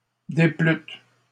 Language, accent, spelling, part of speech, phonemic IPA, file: French, Canada, déplûtes, verb, /de.plyt/, LL-Q150 (fra)-déplûtes.wav
- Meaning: second-person plural past historic of déplaire